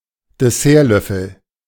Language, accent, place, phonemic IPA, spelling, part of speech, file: German, Germany, Berlin, /deˈsɛʁˌlœfəl/, Dessertlöffel, noun, De-Dessertlöffel.ogg
- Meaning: dessert spoon